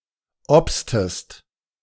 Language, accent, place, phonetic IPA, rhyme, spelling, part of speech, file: German, Germany, Berlin, [ˈɔpstəst], -ɔpstəst, obstest, verb, De-obstest.ogg
- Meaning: inflection of obsen: 1. second-person singular preterite 2. second-person singular subjunctive II